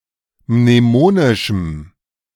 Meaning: strong dative masculine/neuter singular of mnemonisch
- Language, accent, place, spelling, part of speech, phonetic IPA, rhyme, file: German, Germany, Berlin, mnemonischem, adjective, [mneˈmoːnɪʃm̩], -oːnɪʃm̩, De-mnemonischem.ogg